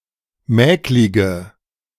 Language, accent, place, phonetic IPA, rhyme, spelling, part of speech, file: German, Germany, Berlin, [ˈmɛːklɪɡə], -ɛːklɪɡə, mäklige, adjective, De-mäklige.ogg
- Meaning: inflection of mäklig: 1. strong/mixed nominative/accusative feminine singular 2. strong nominative/accusative plural 3. weak nominative all-gender singular 4. weak accusative feminine/neuter singular